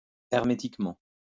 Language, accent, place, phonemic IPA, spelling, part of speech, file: French, France, Lyon, /ɛʁ.me.tik.mɑ̃/, hermétiquement, adverb, LL-Q150 (fra)-hermétiquement.wav
- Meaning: hermetically